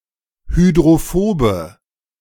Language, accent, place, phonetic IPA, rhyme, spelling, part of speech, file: German, Germany, Berlin, [hydʁoˈfoːbə], -oːbə, hydrophobe, adjective, De-hydrophobe.ogg
- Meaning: inflection of hydrophob: 1. strong/mixed nominative/accusative feminine singular 2. strong nominative/accusative plural 3. weak nominative all-gender singular